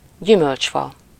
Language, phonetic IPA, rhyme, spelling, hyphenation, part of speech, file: Hungarian, [ˈɟymølt͡ʃfɒ], -fɒ, gyümölcsfa, gyü‧mölcs‧fa, noun, Hu-gyümölcsfa.ogg
- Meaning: fruit tree